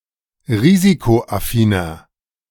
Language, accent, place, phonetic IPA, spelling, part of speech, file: German, Germany, Berlin, [ˈʁiːzikoʔaˌfiːnɐ], risikoaffiner, adjective, De-risikoaffiner.ogg
- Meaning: 1. comparative degree of risikoaffin 2. inflection of risikoaffin: strong/mixed nominative masculine singular 3. inflection of risikoaffin: strong genitive/dative feminine singular